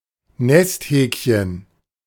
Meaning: the lastborn of a family’s children, especially when pampered (as goes the cliché)
- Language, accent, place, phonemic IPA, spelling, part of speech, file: German, Germany, Berlin, /ˈnɛstˌhɛːkçən/, Nesthäkchen, noun, De-Nesthäkchen.ogg